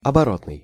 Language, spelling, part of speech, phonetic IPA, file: Russian, оборотный, adjective, [ɐbɐˈrotnɨj], Ru-оборотный.ogg
- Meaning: 1. back (side); reverse (side); other (side) 2. current; circulating; working (in active circulation; in operational flow) 3. relating to turnover (the movement of debits and credits)